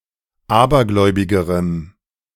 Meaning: strong dative masculine/neuter singular comparative degree of abergläubig
- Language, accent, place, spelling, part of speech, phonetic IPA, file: German, Germany, Berlin, abergläubigerem, adjective, [ˈaːbɐˌɡlɔɪ̯bɪɡəʁəm], De-abergläubigerem.ogg